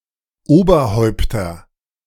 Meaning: nominative/accusative/genitive plural of Oberhaupt
- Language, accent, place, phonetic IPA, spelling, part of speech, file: German, Germany, Berlin, [ˈoːbɐˌhɔɪ̯ptɐ], Oberhäupter, noun, De-Oberhäupter.ogg